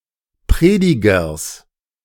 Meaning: genitive singular of Prediger
- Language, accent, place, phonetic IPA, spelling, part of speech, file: German, Germany, Berlin, [ˈpʁeːdɪɡɐs], Predigers, noun, De-Predigers.ogg